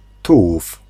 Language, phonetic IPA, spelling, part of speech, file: Polish, [ˈtuwuf], tułów, noun, Pl-tułów.ogg